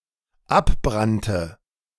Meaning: first/third-person singular dependent preterite of abbrennen
- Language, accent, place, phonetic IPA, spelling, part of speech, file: German, Germany, Berlin, [ˈapˌbʁantə], abbrannte, verb, De-abbrannte.ogg